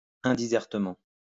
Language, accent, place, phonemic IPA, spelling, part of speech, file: French, France, Lyon, /ɛ̃.di.zɛʁ.tə.mɑ̃/, indisertement, adverb, LL-Q150 (fra)-indisertement.wav
- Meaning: ineloquently